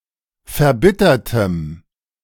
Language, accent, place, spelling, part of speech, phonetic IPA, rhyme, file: German, Germany, Berlin, verbittertem, adjective, [fɛɐ̯ˈbɪtɐtəm], -ɪtɐtəm, De-verbittertem.ogg
- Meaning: strong dative masculine/neuter singular of verbittert